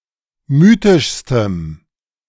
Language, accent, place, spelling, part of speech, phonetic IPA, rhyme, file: German, Germany, Berlin, mythischstem, adjective, [ˈmyːtɪʃstəm], -yːtɪʃstəm, De-mythischstem.ogg
- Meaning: strong dative masculine/neuter singular superlative degree of mythisch